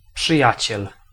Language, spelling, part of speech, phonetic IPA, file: Polish, przyjaciel, noun, [pʃɨˈjät͡ɕɛl], Pl-przyjaciel.ogg